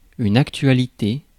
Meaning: 1. topic; topicality 2. documentary 3. news, current affairs
- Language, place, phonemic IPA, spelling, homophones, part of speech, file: French, Paris, /ak.tɥa.li.te/, actualité, actualités, noun, Fr-actualité.ogg